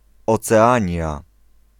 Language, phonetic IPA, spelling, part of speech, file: Polish, [ˌɔt͡sɛˈãɲja], Oceania, proper noun, Pl-Oceania.ogg